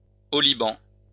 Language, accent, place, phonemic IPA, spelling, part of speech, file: French, France, Lyon, /ɔ.li.bɑ̃/, oliban, noun, LL-Q150 (fra)-oliban.wav
- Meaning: incense; frankincense